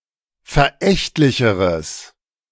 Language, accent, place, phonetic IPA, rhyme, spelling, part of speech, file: German, Germany, Berlin, [fɛɐ̯ˈʔɛçtlɪçəʁəs], -ɛçtlɪçəʁəs, verächtlicheres, adjective, De-verächtlicheres.ogg
- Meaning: strong/mixed nominative/accusative neuter singular comparative degree of verächtlich